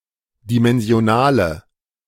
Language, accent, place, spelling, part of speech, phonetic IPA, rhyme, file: German, Germany, Berlin, dimensionale, adjective, [dimɛnzi̯oˈnaːlə], -aːlə, De-dimensionale.ogg
- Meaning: inflection of dimensional: 1. strong/mixed nominative/accusative feminine singular 2. strong nominative/accusative plural 3. weak nominative all-gender singular